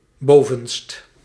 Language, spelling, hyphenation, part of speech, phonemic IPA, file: Dutch, bovenst, bo‧venst, adjective, /ˈboː.vənst/, Nl-bovenst.ogg
- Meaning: uppermost